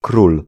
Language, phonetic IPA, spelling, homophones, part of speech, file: Polish, [krul], król, krul, noun, Pl-król.ogg